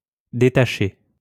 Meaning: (verb) past participle of détacher; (noun) tonguing; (adjective) tongued (from portato to staccato)
- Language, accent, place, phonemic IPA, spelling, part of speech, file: French, France, Lyon, /de.ta.ʃe/, détaché, verb / noun / adjective, LL-Q150 (fra)-détaché.wav